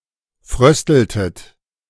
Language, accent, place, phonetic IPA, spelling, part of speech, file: German, Germany, Berlin, [ˈfʁœstl̩tət], frösteltet, verb, De-frösteltet.ogg
- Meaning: inflection of frösteln: 1. second-person plural preterite 2. second-person plural subjunctive II